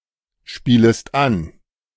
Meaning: second-person singular subjunctive I of anspielen
- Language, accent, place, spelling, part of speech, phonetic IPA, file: German, Germany, Berlin, spielest an, verb, [ˌʃpiːləst ˈan], De-spielest an.ogg